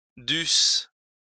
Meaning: first-person singular imperfect subjunctive of devoir
- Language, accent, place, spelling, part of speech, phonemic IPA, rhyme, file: French, France, Lyon, dusse, verb, /dys/, -ys, LL-Q150 (fra)-dusse.wav